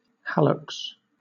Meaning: A big toe
- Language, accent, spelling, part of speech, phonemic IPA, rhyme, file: English, Southern England, hallux, noun, /ˈhæləks/, -æləks, LL-Q1860 (eng)-hallux.wav